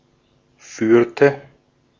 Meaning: inflection of führen: 1. first/third-person singular preterite 2. first/third-person singular subjunctive II
- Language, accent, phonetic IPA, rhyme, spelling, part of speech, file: German, Austria, [ˈfyːɐ̯tə], -yːɐ̯tə, führte, verb, De-at-führte.ogg